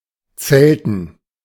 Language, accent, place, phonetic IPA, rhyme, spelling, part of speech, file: German, Germany, Berlin, [ˈt͡sɛltn̩], -ɛltn̩, zelten, verb, De-zelten.ogg
- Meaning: to camp, tent (to stay in the outdoors in a tent)